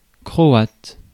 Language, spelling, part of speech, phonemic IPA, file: French, croate, adjective / noun, /kʁɔ.at/, Fr-croate.ogg
- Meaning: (adjective) of Croatia; Croatian; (noun) Croatian, the national language of Croatia